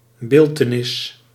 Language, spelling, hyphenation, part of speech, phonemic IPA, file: Dutch, beeltenis, beel‧te‧nis, noun, /ˈbeːl.təˌnɪs/, Nl-beeltenis.ogg
- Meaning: 1. image 2. portrait